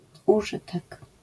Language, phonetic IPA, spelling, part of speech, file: Polish, [uˈʒɨtɛk], użytek, noun, LL-Q809 (pol)-użytek.wav